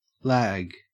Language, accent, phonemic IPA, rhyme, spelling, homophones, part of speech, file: English, Australia, /læːɡ/, -æɡ, lag, lagg, adjective / noun / verb, En-au-lag.ogg
- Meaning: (adjective) 1. Late 2. Last; long-delayed 3. Last made; hence, made of refuse; inferior; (noun) 1. A gap, a delay; an interval created by something not keeping up; a latency 2. Delay; latency